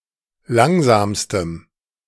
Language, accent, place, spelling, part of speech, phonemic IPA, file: German, Germany, Berlin, langsamstem, adjective, /ˈlaŋzaːmstəm/, De-langsamstem.ogg
- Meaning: strong dative masculine/neuter singular superlative degree of langsam